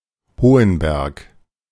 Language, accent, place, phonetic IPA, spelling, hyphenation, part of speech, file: German, Germany, Berlin, [ˈhoːənˌbɛʁk], Hohenberg, Ho‧hen‧berg, proper noun, De-Hohenberg.ogg
- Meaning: 1. a town in Wunsiedel district, Upper Franconia, Bavaria, Germany; official name: Hohenberg an der Eger 2. a municipality of Lower Austria, Austria